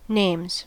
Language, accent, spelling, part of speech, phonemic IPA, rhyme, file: English, US, names, noun / verb, /neɪmz/, -eɪmz, En-us-names.ogg
- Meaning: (noun) plural of name; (verb) third-person singular simple present indicative of name